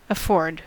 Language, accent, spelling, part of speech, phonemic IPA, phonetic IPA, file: English, US, afford, verb, /əˈfoɹd/, [əˈfo̞ɹd], En-us-afford.ogg